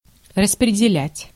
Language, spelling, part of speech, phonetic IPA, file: Russian, распределять, verb, [rəsprʲɪdʲɪˈlʲætʲ], Ru-распределять.ogg
- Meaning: to distribute, to apportion, to allocate (to divide and distribute portions of a whole)